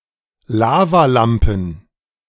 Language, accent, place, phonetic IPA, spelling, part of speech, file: German, Germany, Berlin, [ˈlaːvaˌlampn̩], Lavalampen, noun, De-Lavalampen.ogg
- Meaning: plural of Lavalampe